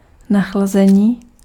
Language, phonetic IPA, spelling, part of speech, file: Czech, [ˈnaxlazɛɲiː], nachlazení, noun, Cs-nachlazení.ogg
- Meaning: 1. verbal noun of nachladit 2. cold, common cold (illness)